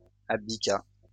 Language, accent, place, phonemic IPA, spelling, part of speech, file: French, France, Lyon, /ab.di.ka/, abdiqua, verb, LL-Q150 (fra)-abdiqua.wav
- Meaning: third-person singular past historic of abdiquer